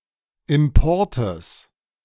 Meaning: genitive singular of Import
- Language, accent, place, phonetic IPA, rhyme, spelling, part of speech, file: German, Germany, Berlin, [ˌɪmˈpɔʁtəs], -ɔʁtəs, Importes, noun, De-Importes.ogg